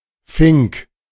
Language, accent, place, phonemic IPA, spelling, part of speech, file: German, Germany, Berlin, /fɪŋk/, Fink, noun / proper noun, De-Fink.ogg
- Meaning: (noun) 1. finch 2. student not belonging to a fraternity; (proper noun) a surname